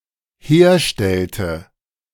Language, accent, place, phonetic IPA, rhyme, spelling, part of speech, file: German, Germany, Berlin, [ˈheːɐ̯ˌʃtɛltə], -eːɐ̯ʃtɛltə, herstellte, verb, De-herstellte.ogg
- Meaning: inflection of herstellen: 1. first/third-person singular dependent preterite 2. first/third-person singular dependent subjunctive II